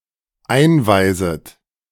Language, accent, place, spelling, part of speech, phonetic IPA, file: German, Germany, Berlin, einweiset, verb, [ˈaɪ̯nˌvaɪ̯zət], De-einweiset.ogg
- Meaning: second-person plural dependent subjunctive I of einweisen